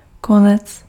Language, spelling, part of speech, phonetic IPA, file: Czech, konec, noun, [ˈkonɛt͡s], Cs-konec.ogg
- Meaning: 1. end (extreme part) 2. end (purpose)